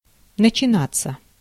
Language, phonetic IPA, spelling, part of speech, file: Russian, [nət͡ɕɪˈnat͡sːə], начинаться, verb, Ru-начинаться.ogg
- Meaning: 1. to begin, to start, to set in, to break out 2. passive of начина́ть (načinátʹ)